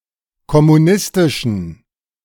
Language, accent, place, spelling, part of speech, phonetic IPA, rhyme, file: German, Germany, Berlin, kommunistischen, adjective, [kɔmuˈnɪstɪʃn̩], -ɪstɪʃn̩, De-kommunistischen.ogg
- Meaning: inflection of kommunistisch: 1. strong genitive masculine/neuter singular 2. weak/mixed genitive/dative all-gender singular 3. strong/weak/mixed accusative masculine singular 4. strong dative plural